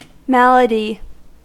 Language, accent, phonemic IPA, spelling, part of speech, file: English, US, /ˈmæl.ə.di/, malady, noun, En-us-malady.ogg
- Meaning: 1. Any ailment or disease of the body; especially, a lingering or deep-seated disorder 2. A moral or mental defect or disorder